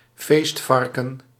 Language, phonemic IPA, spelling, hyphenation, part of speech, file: Dutch, /ˈfeːstˌfɑr.kə(n)/, feestvarken, feest‧var‧ken, noun, Nl-feestvarken.ogg
- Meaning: 1. a person for whom a party is thrown 2. a pig butchered and usually eaten for the occasion of a party